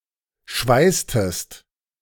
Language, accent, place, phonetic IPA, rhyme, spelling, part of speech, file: German, Germany, Berlin, [ˈʃvaɪ̯stəst], -aɪ̯stəst, schweißtest, verb, De-schweißtest.ogg
- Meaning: inflection of schweißen: 1. second-person singular preterite 2. second-person singular subjunctive II